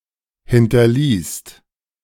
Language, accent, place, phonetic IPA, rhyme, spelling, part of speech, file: German, Germany, Berlin, [ˌhɪntɐˈliːst], -iːst, hinterließt, verb, De-hinterließt.ogg
- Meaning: second-person singular/plural preterite of hinterlassen